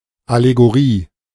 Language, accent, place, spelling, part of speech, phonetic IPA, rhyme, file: German, Germany, Berlin, Allegorie, noun, [aleɡoˈʁiː], -iː, De-Allegorie.ogg
- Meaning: allegory